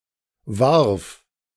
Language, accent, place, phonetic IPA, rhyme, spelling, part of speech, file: German, Germany, Berlin, [vaʁf], -aʁf, warf, verb, De-warf.ogg
- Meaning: first/third-person singular preterite of werfen